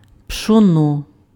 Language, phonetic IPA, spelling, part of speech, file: Ukrainian, [pʃɔˈnɔ], пшоно, noun, Uk-пшоно.ogg
- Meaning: millet